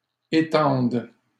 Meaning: third-person plural present indicative/subjunctive of étendre
- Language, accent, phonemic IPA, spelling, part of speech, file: French, Canada, /e.tɑ̃d/, étendent, verb, LL-Q150 (fra)-étendent.wav